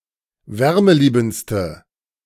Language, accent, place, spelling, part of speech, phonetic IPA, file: German, Germany, Berlin, wärmeliebendste, adjective, [ˈvɛʁməˌliːbn̩t͡stə], De-wärmeliebendste.ogg
- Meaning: inflection of wärmeliebend: 1. strong/mixed nominative/accusative feminine singular superlative degree 2. strong nominative/accusative plural superlative degree